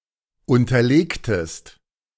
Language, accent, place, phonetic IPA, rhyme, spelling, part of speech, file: German, Germany, Berlin, [ˌʊntɐˈleːktəst], -eːktəst, unterlegtest, verb, De-unterlegtest.ogg
- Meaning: inflection of unterlegen: 1. second-person singular preterite 2. second-person singular subjunctive II